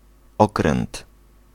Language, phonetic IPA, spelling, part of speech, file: Polish, [ˈɔkrɛ̃nt], okręt, noun, Pl-okręt.ogg